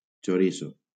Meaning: 1. chorizo 2. giant red shrimp (Aristaeomorpha foliacea)
- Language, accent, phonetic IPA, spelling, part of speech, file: Catalan, Valencia, [t͡ʃoˈɾi.so], xoriço, noun, LL-Q7026 (cat)-xoriço.wav